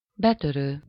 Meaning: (verb) present participle of betör; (noun) burglar, cracksman, housebreaker, intruder (a person who breaks in to premises with the intent of committing theft)
- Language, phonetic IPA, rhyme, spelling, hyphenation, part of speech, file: Hungarian, [ˈbɛtørøː], -røː, betörő, be‧tö‧rő, verb / noun, Hu-betörő.ogg